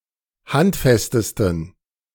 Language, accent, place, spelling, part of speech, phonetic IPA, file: German, Germany, Berlin, handfestesten, adjective, [ˈhantˌfɛstəstn̩], De-handfestesten.ogg
- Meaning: 1. superlative degree of handfest 2. inflection of handfest: strong genitive masculine/neuter singular superlative degree